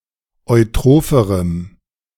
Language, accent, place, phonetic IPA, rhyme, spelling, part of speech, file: German, Germany, Berlin, [ɔɪ̯ˈtʁoːfəʁəm], -oːfəʁəm, eutropherem, adjective, De-eutropherem.ogg
- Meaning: strong dative masculine/neuter singular comparative degree of eutroph